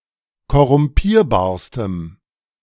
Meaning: strong dative masculine/neuter singular superlative degree of korrumpierbar
- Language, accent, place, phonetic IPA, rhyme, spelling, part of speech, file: German, Germany, Berlin, [kɔʁʊmˈpiːɐ̯baːɐ̯stəm], -iːɐ̯baːɐ̯stəm, korrumpierbarstem, adjective, De-korrumpierbarstem.ogg